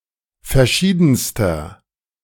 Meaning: inflection of verschieden: 1. strong/mixed nominative masculine singular superlative degree 2. strong genitive/dative feminine singular superlative degree 3. strong genitive plural superlative degree
- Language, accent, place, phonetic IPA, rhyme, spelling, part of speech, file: German, Germany, Berlin, [fɛɐ̯ˈʃiːdn̩stɐ], -iːdn̩stɐ, verschiedenster, adjective, De-verschiedenster.ogg